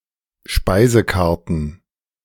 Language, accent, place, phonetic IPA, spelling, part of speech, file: German, Germany, Berlin, [ˈʃpaɪ̯zəkaʁtn̩], Speisekarten, noun, De-Speisekarten.ogg
- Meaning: plural of Speisekarte